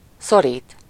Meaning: 1. to press, grip, clutch 2. to urge, force, compel (to act) 3. to pinch (shoe), strangle (tight collar)
- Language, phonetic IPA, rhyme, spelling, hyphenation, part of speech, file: Hungarian, [ˈsoriːt], -iːt, szorít, szo‧rít, verb, Hu-szorít.ogg